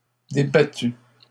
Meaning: feminine plural of débattu
- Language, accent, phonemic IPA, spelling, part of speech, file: French, Canada, /de.ba.ty/, débattues, verb, LL-Q150 (fra)-débattues.wav